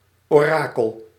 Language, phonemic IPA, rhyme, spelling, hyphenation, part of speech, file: Dutch, /ˌoːˈraː.kəl/, -aːkəl, orakel, ora‧kel, noun, Nl-orakel.ogg
- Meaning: oracle: 1. prophetic message, typically formulated in vague terms 2. shrine dedicated to a deity where such messages are given 3. person who formulates such messages